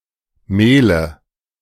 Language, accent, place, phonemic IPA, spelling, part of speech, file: German, Germany, Berlin, /ˈmeːlə/, Mehle, noun, De-Mehle.ogg
- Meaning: nominative/accusative/genitive plural of Mehl